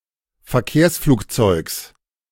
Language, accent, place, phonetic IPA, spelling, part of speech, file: German, Germany, Berlin, [fɛɐ̯ˈkeːɐ̯sfluːkˌt͡sɔɪ̯ks], Verkehrsflugzeugs, noun, De-Verkehrsflugzeugs.ogg
- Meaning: genitive singular of Verkehrsflugzeug